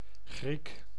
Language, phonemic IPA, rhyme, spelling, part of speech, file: Dutch, /ɣrik/, -ik, Griek, noun, Nl-Griek.ogg
- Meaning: Greek (person)